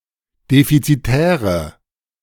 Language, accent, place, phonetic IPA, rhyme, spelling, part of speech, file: German, Germany, Berlin, [ˌdefit͡siˈtɛːʁə], -ɛːʁə, defizitäre, adjective, De-defizitäre.ogg
- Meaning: inflection of defizitär: 1. strong/mixed nominative/accusative feminine singular 2. strong nominative/accusative plural 3. weak nominative all-gender singular